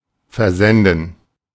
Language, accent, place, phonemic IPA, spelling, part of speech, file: German, Germany, Berlin, /fɛɐˈzɛndn̩/, versenden, verb, De-versenden.ogg
- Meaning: to ship, to dispatch